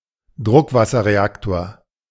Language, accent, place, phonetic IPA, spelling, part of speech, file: German, Germany, Berlin, [ˈdʁʊkvasɐʁeˌaktoːɐ̯], Druckwasserreaktor, noun, De-Druckwasserreaktor.ogg
- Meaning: pressurized water reactor